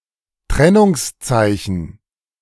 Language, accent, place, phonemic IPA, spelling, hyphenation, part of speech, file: German, Germany, Berlin, /ˈtʁɛnʊŋsˌt͡saɪ̯çən/, Trennungszeichen, Tren‧nungs‧zei‧chen, noun, De-Trennungszeichen.ogg
- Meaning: hyphen